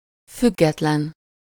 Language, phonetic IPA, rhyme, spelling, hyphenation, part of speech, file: Hungarian, [ˈfyɡːɛtlɛn], -ɛn, független, füg‧get‧len, adjective, Hu-független.ogg
- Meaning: independent